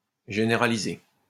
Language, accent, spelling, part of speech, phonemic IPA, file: French, France, généraliser, verb, /ʒe.ne.ʁa.li.ze/, LL-Q150 (fra)-généraliser.wav
- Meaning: 1. to generalise (all senses) 2. to become common, standard, widespread; to spread